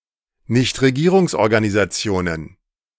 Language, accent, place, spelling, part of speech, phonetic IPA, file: German, Germany, Berlin, Nichtregierungsorganisationen, noun, [ˈnɪçtʁeɡiːʁʊŋsʔɔʁɡanizat͡si̯oːnən], De-Nichtregierungsorganisationen.ogg
- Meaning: plural of Nichtregierungsorganisation